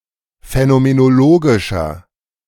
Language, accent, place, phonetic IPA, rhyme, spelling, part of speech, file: German, Germany, Berlin, [fɛnomenoˈloːɡɪʃɐ], -oːɡɪʃɐ, phänomenologischer, adjective, De-phänomenologischer.ogg
- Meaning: inflection of phänomenologisch: 1. strong/mixed nominative masculine singular 2. strong genitive/dative feminine singular 3. strong genitive plural